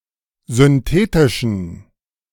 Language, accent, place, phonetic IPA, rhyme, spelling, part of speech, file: German, Germany, Berlin, [zʏnˈteːtɪʃn̩], -eːtɪʃn̩, synthetischen, adjective, De-synthetischen.ogg
- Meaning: inflection of synthetisch: 1. strong genitive masculine/neuter singular 2. weak/mixed genitive/dative all-gender singular 3. strong/weak/mixed accusative masculine singular 4. strong dative plural